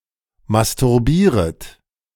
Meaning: second-person plural subjunctive I of masturbieren
- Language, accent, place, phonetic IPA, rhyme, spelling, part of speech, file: German, Germany, Berlin, [mastʊʁˈbiːʁət], -iːʁət, masturbieret, verb, De-masturbieret.ogg